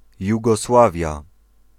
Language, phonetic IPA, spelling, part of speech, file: Polish, [ˌjuɡɔˈswavʲja], Jugosławia, proper noun, Pl-Jugosławia.ogg